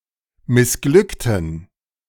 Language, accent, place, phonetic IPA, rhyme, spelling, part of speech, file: German, Germany, Berlin, [mɪsˈɡlʏktn̩], -ʏktn̩, missglückten, adjective, De-missglückten.ogg
- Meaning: inflection of missglückt: 1. strong genitive masculine/neuter singular 2. weak/mixed genitive/dative all-gender singular 3. strong/weak/mixed accusative masculine singular 4. strong dative plural